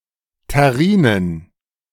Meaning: plural of Terrine
- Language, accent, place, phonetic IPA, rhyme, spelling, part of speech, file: German, Germany, Berlin, [tɛˈʁiːnən], -iːnən, Terrinen, noun, De-Terrinen.ogg